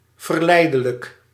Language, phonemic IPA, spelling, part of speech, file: Dutch, /vərˈlɛi̯.də.lək/, verleidelijk, adjective, Nl-verleidelijk.ogg
- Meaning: alluring, tempting, seductive